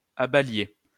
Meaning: inflection of abaler: 1. second-person plural imperfect indicative 2. second-person plural present subjunctive
- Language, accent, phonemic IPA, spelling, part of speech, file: French, France, /a.ba.lje/, abaliez, verb, LL-Q150 (fra)-abaliez.wav